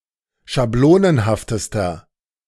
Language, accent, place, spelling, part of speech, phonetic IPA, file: German, Germany, Berlin, schablonenhaftester, adjective, [ʃaˈbloːnənhaftəstɐ], De-schablonenhaftester.ogg
- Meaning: inflection of schablonenhaft: 1. strong/mixed nominative masculine singular superlative degree 2. strong genitive/dative feminine singular superlative degree